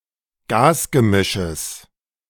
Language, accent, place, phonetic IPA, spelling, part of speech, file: German, Germany, Berlin, [ˈɡaːsɡəˌmɪʃəs], Gasgemisches, noun, De-Gasgemisches.ogg
- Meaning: genitive singular of Gasgemisch